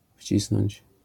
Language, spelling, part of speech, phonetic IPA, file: Polish, wcisnąć, verb, [ˈfʲt͡ɕisnɔ̃ɲt͡ɕ], LL-Q809 (pol)-wcisnąć.wav